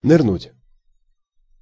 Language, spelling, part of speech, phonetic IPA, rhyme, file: Russian, нырнуть, verb, [nɨrˈnutʲ], -utʲ, Ru-нырнуть.ogg
- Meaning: to dive